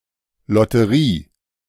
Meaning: lottery
- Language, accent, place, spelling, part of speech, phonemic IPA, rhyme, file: German, Germany, Berlin, Lotterie, noun, /ˌlɔtəˈʁiː/, -iː, De-Lotterie.ogg